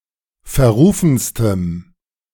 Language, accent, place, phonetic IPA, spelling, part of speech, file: German, Germany, Berlin, [fɛɐ̯ˈʁuːfn̩stəm], verrufenstem, adjective, De-verrufenstem.ogg
- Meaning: strong dative masculine/neuter singular superlative degree of verrufen